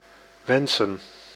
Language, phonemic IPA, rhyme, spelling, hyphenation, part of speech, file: Dutch, /ˈʋɛn.sən/, -ɛnsən, wensen, wen‧sen, verb / noun, Nl-wensen.ogg
- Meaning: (verb) to wish; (noun) plural of wens